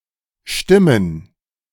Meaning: plural of Stimme
- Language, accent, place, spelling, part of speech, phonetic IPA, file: German, Germany, Berlin, Stimmen, noun, [ˈʃtɪmən], De-Stimmen.ogg